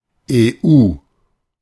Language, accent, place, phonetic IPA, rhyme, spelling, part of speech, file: German, Germany, Berlin, [eːˈʔuː], -uː, EU, proper noun / noun, De-EU.ogg
- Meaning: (proper noun) EU; initialism of Europäische Union (“European Union”); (noun) initialism of Erwerbsunfähigkeit